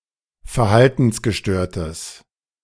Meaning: strong/mixed nominative/accusative neuter singular of verhaltensgestört
- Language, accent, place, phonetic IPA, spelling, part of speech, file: German, Germany, Berlin, [fɛɐ̯ˈhaltn̩sɡəˌʃtøːɐ̯təs], verhaltensgestörtes, adjective, De-verhaltensgestörtes.ogg